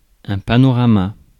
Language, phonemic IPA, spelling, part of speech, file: French, /pa.nɔ.ʁa.ma/, panorama, noun, Fr-panorama.ogg
- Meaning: panorama